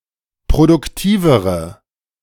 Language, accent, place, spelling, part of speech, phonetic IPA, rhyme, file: German, Germany, Berlin, produktivere, adjective, [pʁodʊkˈtiːvəʁə], -iːvəʁə, De-produktivere.ogg
- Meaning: inflection of produktiv: 1. strong/mixed nominative/accusative feminine singular comparative degree 2. strong nominative/accusative plural comparative degree